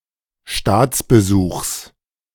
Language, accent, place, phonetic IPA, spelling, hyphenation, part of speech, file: German, Germany, Berlin, [ˈʃtaːt͡sbəˌzuːχs], Staatsbesuchs, Staats‧be‧suchs, noun, De-Staatsbesuchs.ogg
- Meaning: genitive singular of Staatsbesuch